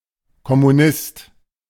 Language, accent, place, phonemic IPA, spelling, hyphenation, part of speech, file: German, Germany, Berlin, /kɔmuˈnɪst/, Kommunist, Kom‧mu‧nist, noun, De-Kommunist.ogg
- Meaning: communist / Communist (male or of unspecified sex) (a person who follows a communist or Marxist-Leninist philosophy)